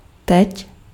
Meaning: now
- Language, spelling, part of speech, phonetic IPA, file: Czech, teď, adverb, [ˈtɛc], Cs-teď.ogg